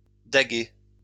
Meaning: brocket (young stag)
- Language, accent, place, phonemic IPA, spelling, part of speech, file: French, France, Lyon, /da.ɡɛ/, daguet, noun, LL-Q150 (fra)-daguet.wav